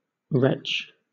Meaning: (verb) 1. To make or experience an unsuccessful effort to vomit; to strain or spasm, as if to vomit; to gag or nearly vomit 2. To vomit; to make or experience a successful effort to vomit
- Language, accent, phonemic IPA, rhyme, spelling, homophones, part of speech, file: English, Southern England, /ɹɛt͡ʃ/, -ɛtʃ, retch, wretch, verb / noun, LL-Q1860 (eng)-retch.wav